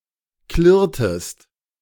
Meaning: inflection of klirren: 1. second-person singular preterite 2. second-person singular subjunctive II
- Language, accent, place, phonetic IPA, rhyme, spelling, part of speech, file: German, Germany, Berlin, [ˈklɪʁtəst], -ɪʁtəst, klirrtest, verb, De-klirrtest.ogg